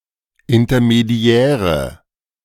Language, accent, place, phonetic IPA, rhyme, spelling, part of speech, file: German, Germany, Berlin, [ɪntɐmeˈdi̯ɛːʁə], -ɛːʁə, intermediäre, adjective, De-intermediäre.ogg
- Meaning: inflection of intermediär: 1. strong/mixed nominative/accusative feminine singular 2. strong nominative/accusative plural 3. weak nominative all-gender singular